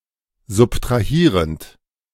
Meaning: present participle of subtrahieren
- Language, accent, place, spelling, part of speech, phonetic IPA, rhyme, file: German, Germany, Berlin, subtrahierend, verb, [zʊptʁaˈhiːʁənt], -iːʁənt, De-subtrahierend.ogg